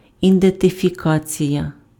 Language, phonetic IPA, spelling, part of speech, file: Ukrainian, [identefʲiˈkat͡sʲijɐ], ідентифікація, noun, Uk-ідентифікація.ogg
- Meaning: identification